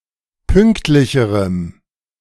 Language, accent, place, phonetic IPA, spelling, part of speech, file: German, Germany, Berlin, [ˈpʏŋktlɪçəʁəm], pünktlicherem, adjective, De-pünktlicherem.ogg
- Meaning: strong dative masculine/neuter singular comparative degree of pünktlich